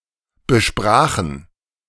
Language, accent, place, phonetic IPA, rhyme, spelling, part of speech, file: German, Germany, Berlin, [bəˈʃpʁaːxn̩], -aːxn̩, besprachen, verb, De-besprachen.ogg
- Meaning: first/third-person plural preterite of besprechen